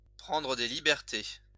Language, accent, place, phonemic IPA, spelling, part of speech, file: French, France, Lyon, /pʁɑ̃.dʁə de li.bɛʁ.te/, prendre des libertés, verb, LL-Q150 (fra)-prendre des libertés.wav
- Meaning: to take liberties